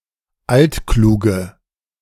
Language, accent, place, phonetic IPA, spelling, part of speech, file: German, Germany, Berlin, [ˈaltˌkluːɡəm], altklugem, adjective, De-altklugem.ogg
- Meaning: strong dative masculine/neuter singular of altklug